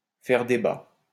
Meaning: to be debated, to cause controversy, to be controversial
- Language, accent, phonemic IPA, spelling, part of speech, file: French, France, /fɛʁ de.ba/, faire débat, verb, LL-Q150 (fra)-faire débat.wav